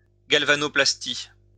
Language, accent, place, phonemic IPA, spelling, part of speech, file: French, France, Lyon, /ɡal.va.nɔ.plas.ti/, galvanoplastie, noun, LL-Q150 (fra)-galvanoplastie.wav
- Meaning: galvanoplasty, electrotyping